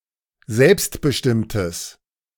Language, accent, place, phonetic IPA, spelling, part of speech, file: German, Germany, Berlin, [ˈzɛlpstbəˌʃtɪmtəs], selbstbestimmtes, adjective, De-selbstbestimmtes.ogg
- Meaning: strong/mixed nominative/accusative neuter singular of selbstbestimmt